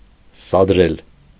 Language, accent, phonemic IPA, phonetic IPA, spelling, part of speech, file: Armenian, Eastern Armenian, /sɑdˈɾel/, [sɑdɾél], սադրել, verb, Hy-սադրել.ogg
- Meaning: to instigate, to incite, to provoke